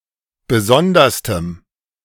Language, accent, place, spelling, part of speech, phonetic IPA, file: German, Germany, Berlin, besonderstem, adjective, [ˈbəˈzɔndɐstəm], De-besonderstem.ogg
- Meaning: strong dative masculine/neuter singular superlative degree of besondere